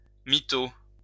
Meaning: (noun) 1. mythomaniac; compulsive liar 2. lie; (verb) to lie
- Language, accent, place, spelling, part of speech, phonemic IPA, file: French, France, Lyon, mytho, noun / verb, /mi.to/, LL-Q150 (fra)-mytho.wav